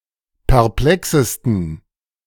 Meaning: 1. superlative degree of perplex 2. inflection of perplex: strong genitive masculine/neuter singular superlative degree
- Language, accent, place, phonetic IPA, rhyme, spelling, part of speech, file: German, Germany, Berlin, [pɛʁˈplɛksəstn̩], -ɛksəstn̩, perplexesten, adjective, De-perplexesten.ogg